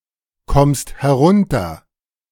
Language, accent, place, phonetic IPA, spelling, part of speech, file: German, Germany, Berlin, [ˌkɔmst hɛˈʁʊntɐ], kommst herunter, verb, De-kommst herunter.ogg
- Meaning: second-person singular present of herunterkommen